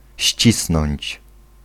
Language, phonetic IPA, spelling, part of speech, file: Polish, [ˈɕt͡ɕisnɔ̃ɲt͡ɕ], ścisnąć, verb, Pl-ścisnąć.ogg